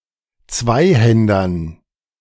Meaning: dative plural of Zweihänder
- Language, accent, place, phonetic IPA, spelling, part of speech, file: German, Germany, Berlin, [ˈt͡svaɪ̯ˌhɛndɐn], Zweihändern, noun, De-Zweihändern.ogg